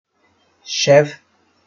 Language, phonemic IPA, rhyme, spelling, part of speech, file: Northern Kurdish, /ʃɛv/, -ɛv, şev, noun, Ku-şev.ogg
- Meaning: night, evening